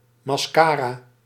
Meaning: mascara
- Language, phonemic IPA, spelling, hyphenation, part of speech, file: Dutch, /mɑsˈkara/, mascara, mas‧ca‧ra, noun, Nl-mascara.ogg